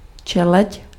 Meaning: family (rank in the classification of organisms, below order and above genus)
- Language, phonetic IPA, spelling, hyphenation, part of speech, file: Czech, [ˈt͡ʃɛlɛc], čeleď, če‧leď, noun, Cs-čeleď.ogg